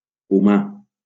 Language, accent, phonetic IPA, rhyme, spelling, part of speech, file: Catalan, Valencia, [uˈma], -a, humà, adjective / noun, LL-Q7026 (cat)-humà.wav
- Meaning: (adjective) human, humane; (noun) human, human being